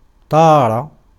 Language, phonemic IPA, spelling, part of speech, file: Arabic, /tˤaː.ra/, طار, verb, Ar-طار.ogg
- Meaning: to fly